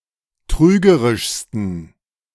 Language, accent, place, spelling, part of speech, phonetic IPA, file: German, Germany, Berlin, trügerischsten, adjective, [ˈtʁyːɡəʁɪʃstn̩], De-trügerischsten.ogg
- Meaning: 1. superlative degree of trügerisch 2. inflection of trügerisch: strong genitive masculine/neuter singular superlative degree